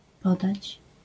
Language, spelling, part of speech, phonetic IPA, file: Polish, podać, verb, [ˈpɔdat͡ɕ], LL-Q809 (pol)-podać.wav